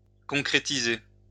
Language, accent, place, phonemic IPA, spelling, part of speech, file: French, France, Lyon, /kɔ̃.kʁe.ti.ze/, concrétiser, verb, LL-Q150 (fra)-concrétiser.wav
- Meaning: 1. to solidify, to make (something) real and tangible, to concretize 2. to score 3. to become fulfilled, to become a reality